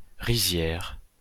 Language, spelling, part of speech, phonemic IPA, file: French, rizière, noun, /ʁi.zjɛʁ/, LL-Q150 (fra)-rizière.wav
- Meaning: rice paddy